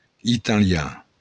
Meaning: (adjective) Italian; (noun) 1. an Italian person 2. the Italian language
- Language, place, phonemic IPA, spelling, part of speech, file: Occitan, Béarn, /itaˈlja/, italian, adjective / noun, LL-Q14185 (oci)-italian.wav